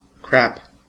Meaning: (noun) 1. The husk of grain; chaff 2. Something worthless or of poor quality; junk 3. Nonsense; something untrue 4. Feces 5. An act of defecation; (verb) To defecate
- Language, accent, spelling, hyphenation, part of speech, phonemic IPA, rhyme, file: English, US, crap, crap, noun / verb / adjective / interjection, /kɹæp/, -æp, En-us-crap.ogg